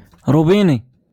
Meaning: tap, faucet
- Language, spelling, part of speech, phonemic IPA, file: Moroccan Arabic, روبيني, noun, /ruː.biː.ni/, LL-Q56426 (ary)-روبيني.wav